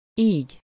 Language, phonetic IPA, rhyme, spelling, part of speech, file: Hungarian, [ˈiːɟ], -iːɟ, így, adverb / conjunction, Hu-így.ogg
- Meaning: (adverb) thus, in this way, like this (replaces an adverb); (conjunction) thus, as a result, hence, therefore, consequently (between a phrase and a conclusion of it)